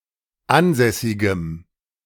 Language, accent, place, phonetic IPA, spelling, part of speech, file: German, Germany, Berlin, [ˈanˌzɛsɪɡəm], ansässigem, adjective, De-ansässigem.ogg
- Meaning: strong dative masculine/neuter singular of ansässig